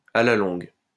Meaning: in the long run, over time, over the long haul
- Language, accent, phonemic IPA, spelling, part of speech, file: French, France, /a la lɔ̃ɡ/, à la longue, adverb, LL-Q150 (fra)-à la longue.wav